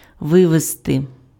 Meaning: to take out (by vehicle), to remove
- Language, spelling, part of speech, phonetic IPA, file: Ukrainian, вивезти, verb, [ˈʋɪʋezte], Uk-вивезти.ogg